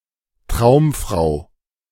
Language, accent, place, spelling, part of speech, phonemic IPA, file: German, Germany, Berlin, Traumfrau, noun, /ˈtʁaʊ̯mˌfʁaʊ̯/, De-Traumfrau.ogg
- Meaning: dreamgirl, girl of one's dreams, dream woman